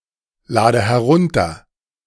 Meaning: inflection of herunterladen: 1. first-person singular present 2. first/third-person singular subjunctive I 3. singular imperative
- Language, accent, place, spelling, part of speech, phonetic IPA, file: German, Germany, Berlin, lade herunter, verb, [ˌlaːdə hɛˈʁʊntɐ], De-lade herunter.ogg